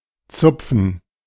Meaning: to pluck
- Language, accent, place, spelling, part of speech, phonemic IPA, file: German, Germany, Berlin, zupfen, verb, /tsʊpfən/, De-zupfen.ogg